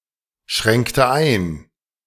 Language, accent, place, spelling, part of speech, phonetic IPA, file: German, Germany, Berlin, schränkte ein, verb, [ˌʃʁɛŋktə ˈaɪ̯n], De-schränkte ein.ogg
- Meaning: inflection of einschränken: 1. first/third-person singular preterite 2. first/third-person singular subjunctive II